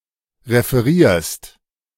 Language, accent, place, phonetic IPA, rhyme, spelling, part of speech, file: German, Germany, Berlin, [ʁefəˈʁiːɐ̯st], -iːɐ̯st, referierst, verb, De-referierst.ogg
- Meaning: second-person singular present of referieren